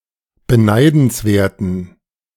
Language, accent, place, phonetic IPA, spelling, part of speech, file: German, Germany, Berlin, [bəˈnaɪ̯dn̩sˌveːɐ̯tn̩], beneidenswerten, adjective, De-beneidenswerten.ogg
- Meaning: inflection of beneidenswert: 1. strong genitive masculine/neuter singular 2. weak/mixed genitive/dative all-gender singular 3. strong/weak/mixed accusative masculine singular 4. strong dative plural